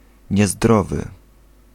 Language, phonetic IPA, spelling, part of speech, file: Polish, [ɲɛˈzdrɔvɨ], niezdrowy, adjective, Pl-niezdrowy.ogg